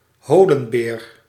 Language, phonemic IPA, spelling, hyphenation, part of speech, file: Dutch, /ˈɦoː.lə(n)ˌbeːr/, holenbeer, ho‧len‧beer, noun, Nl-holenbeer.ogg
- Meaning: cave bear (Ursus spelaeus)